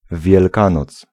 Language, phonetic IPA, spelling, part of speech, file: Polish, [vʲjɛlˈkãnɔt͡s], Wielkanoc, noun, Pl-Wielkanoc.ogg